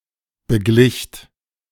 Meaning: second-person plural preterite of begleichen
- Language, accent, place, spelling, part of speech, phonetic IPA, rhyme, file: German, Germany, Berlin, beglicht, verb, [bəˈɡlɪçt], -ɪçt, De-beglicht.ogg